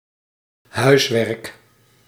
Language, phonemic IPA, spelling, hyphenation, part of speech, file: Dutch, /ˈɦœy̯s.ʋɛrk/, huiswerk, huis‧werk, noun, Nl-huiswerk.ogg
- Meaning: homework (educational assignment to be done in one's own time)